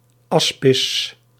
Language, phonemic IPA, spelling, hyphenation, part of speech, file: Dutch, /ˈɑs.pɪs/, aspis, as‧pis, noun, Nl-aspis.ogg
- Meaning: asp